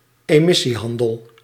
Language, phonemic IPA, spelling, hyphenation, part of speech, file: Dutch, /eːˈmɪ.siˌɦɑn.dəl/, emissiehandel, emis‧sie‧han‧del, noun, Nl-emissiehandel.ogg
- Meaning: emissions trading